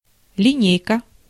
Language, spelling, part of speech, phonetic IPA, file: Russian, линейка, noun, [lʲɪˈnʲejkə], Ru-линейка.ogg
- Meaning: 1. ruler (for measuring or drawing straight lines) 2. line (for writing) 3. rule 4. line (formation) 5. linear algebra